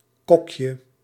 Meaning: diminutive of kok
- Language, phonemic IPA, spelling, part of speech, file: Dutch, /ˈkɔkjə/, kokje, noun, Nl-kokje.ogg